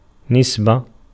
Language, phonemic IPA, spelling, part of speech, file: Arabic, /nis.ba/, نسبة, noun, Ar-نسبة.ogg
- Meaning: 1. verbal noun of نَسَبَ (nasaba) (form I) 2. relationship, affiliation 3. connection, relation 4. agreement 5. ratio, proportion 6. rate 7. percentage